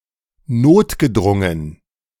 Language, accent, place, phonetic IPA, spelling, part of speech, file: German, Germany, Berlin, [ˈnoːtɡəˌdʁʊŋən], notgedrungen, adjective, De-notgedrungen.ogg
- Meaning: necessarily (forced by necessity)